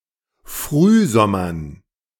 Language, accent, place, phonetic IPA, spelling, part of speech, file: German, Germany, Berlin, [ˈfʁyːˌzɔmɐn], Frühsommern, noun, De-Frühsommern.ogg
- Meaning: dative plural of Frühsommer